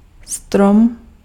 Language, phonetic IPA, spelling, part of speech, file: Czech, [ˈstrom], strom, noun, Cs-strom.ogg
- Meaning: tree